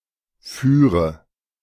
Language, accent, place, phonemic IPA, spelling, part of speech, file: German, Germany, Berlin, /ˈfyːʁə/, führe, verb, De-führe.ogg
- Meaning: inflection of führen: 1. first-person singular present 2. first/third-person singular subjunctive I 3. singular imperative